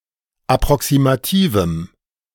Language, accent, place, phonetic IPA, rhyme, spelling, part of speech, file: German, Germany, Berlin, [apʁɔksimaˈtiːvm̩], -iːvm̩, approximativem, adjective, De-approximativem.ogg
- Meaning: strong dative masculine/neuter singular of approximativ